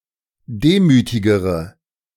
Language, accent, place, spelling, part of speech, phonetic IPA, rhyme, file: German, Germany, Berlin, demütigere, adjective, [ˈdeːmyːtɪɡəʁə], -eːmyːtɪɡəʁə, De-demütigere.ogg
- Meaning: inflection of demütig: 1. strong/mixed nominative/accusative feminine singular comparative degree 2. strong nominative/accusative plural comparative degree